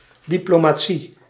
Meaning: 1. the profession and study of diplomacy, conducting political relations between states 2. private diplomacy, acting between parties with similar tact and negotiator skills
- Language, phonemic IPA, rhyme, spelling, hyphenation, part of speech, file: Dutch, /ˌdi.ploː.maːˈ(t)si/, -i, diplomatie, di‧plo‧ma‧tie, noun, Nl-diplomatie.ogg